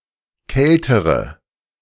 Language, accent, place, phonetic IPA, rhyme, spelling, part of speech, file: German, Germany, Berlin, [ˈkɛltəʁə], -ɛltəʁə, kältere, adjective, De-kältere.ogg
- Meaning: inflection of kalt: 1. strong/mixed nominative/accusative feminine singular comparative degree 2. strong nominative/accusative plural comparative degree